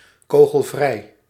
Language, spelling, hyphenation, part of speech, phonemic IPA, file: Dutch, kogelvrij, ko‧gel‧vrij, adjective, /ˌkoː.ɣəlˈvrɛi̯/, Nl-kogelvrij.ogg
- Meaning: bulletproof